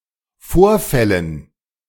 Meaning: dative plural of Vorfall
- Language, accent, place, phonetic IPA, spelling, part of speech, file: German, Germany, Berlin, [ˈfoːɐ̯ˌfɛlən], Vorfällen, noun, De-Vorfällen.ogg